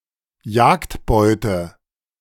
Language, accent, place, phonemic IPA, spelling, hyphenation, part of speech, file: German, Germany, Berlin, /ˈjaːktbɔɪ̯tə/, Jagdbeute, Jagd‧beu‧te, noun, De-Jagdbeute.ogg
- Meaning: hunted and captured prey, animal